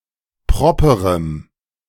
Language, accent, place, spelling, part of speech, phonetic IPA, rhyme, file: German, Germany, Berlin, properem, adjective, [ˈpʁɔpəʁəm], -ɔpəʁəm, De-properem.ogg
- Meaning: strong dative masculine/neuter singular of proper